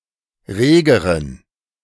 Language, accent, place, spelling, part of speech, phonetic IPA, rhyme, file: German, Germany, Berlin, regeren, adjective, [ˈʁeːɡəʁən], -eːɡəʁən, De-regeren.ogg
- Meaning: inflection of rege: 1. strong genitive masculine/neuter singular comparative degree 2. weak/mixed genitive/dative all-gender singular comparative degree